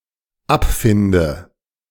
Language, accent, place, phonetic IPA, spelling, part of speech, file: German, Germany, Berlin, [ˈapˌfɪndə], abfinde, verb, De-abfinde.ogg
- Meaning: inflection of abfinden: 1. first-person singular dependent present 2. first/third-person singular dependent subjunctive I